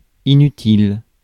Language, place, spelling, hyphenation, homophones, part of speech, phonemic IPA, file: French, Paris, inutile, i‧nu‧tile, inutiles, adjective, /i.ny.til/, Fr-inutile.ogg
- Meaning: useless, unnecessary, pointless